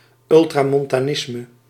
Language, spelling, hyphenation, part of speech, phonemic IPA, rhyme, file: Dutch, ultramontanisme, ul‧tra‧mon‧ta‧nis‧me, noun, /ˌʏl.traː.mɔn.taːˈnɪs.mə/, -ɪsmə, Nl-ultramontanisme.ogg
- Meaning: ultramontanism